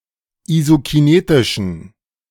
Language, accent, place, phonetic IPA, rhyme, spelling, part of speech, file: German, Germany, Berlin, [izokiˈneːtɪʃn̩], -eːtɪʃn̩, isokinetischen, adjective, De-isokinetischen.ogg
- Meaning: inflection of isokinetisch: 1. strong genitive masculine/neuter singular 2. weak/mixed genitive/dative all-gender singular 3. strong/weak/mixed accusative masculine singular 4. strong dative plural